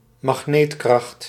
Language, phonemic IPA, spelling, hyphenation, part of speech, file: Dutch, /mɑxˈneːtˌkrɑxt/, magneetkracht, mag‧neet‧kracht, noun, Nl-magneetkracht.ogg
- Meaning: magnetic force, magnetism